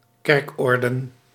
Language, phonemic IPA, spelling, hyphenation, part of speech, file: Dutch, /ˈkɛrkˌɔrdə(n)/, kerkorden, kerk‧or‧den, noun, Nl-kerkorden.ogg
- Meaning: plural of kerkorde